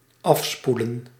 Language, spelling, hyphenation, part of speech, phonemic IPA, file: Dutch, afspoelen, af‧spoe‧len, verb, /ˈɑfspulə(n)/, Nl-afspoelen.ogg
- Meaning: to rinse off